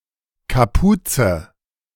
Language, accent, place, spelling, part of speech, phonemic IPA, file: German, Germany, Berlin, Kapuze, noun, /kaˈpuːt͡sə/, De-Kapuze.ogg
- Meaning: a hood (head-covering part of clothing)